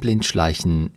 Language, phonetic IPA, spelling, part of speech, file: German, [ˈblɪntˌʃlaɪ̯çn̩], Blindschleichen, noun, De-Blindschleichen.ogg
- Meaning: plural of Blindschleiche